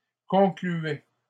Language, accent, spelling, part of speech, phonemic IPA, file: French, Canada, concluaient, verb, /kɔ̃.kly.ɛ/, LL-Q150 (fra)-concluaient.wav
- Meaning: third-person plural imperative indicative of conclure